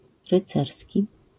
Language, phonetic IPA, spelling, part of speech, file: Polish, [rɨˈt͡sɛrsʲci], rycerski, adjective, LL-Q809 (pol)-rycerski.wav